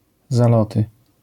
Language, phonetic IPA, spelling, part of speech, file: Polish, [zaˈlɔtɨ], zaloty, noun, LL-Q809 (pol)-zaloty.wav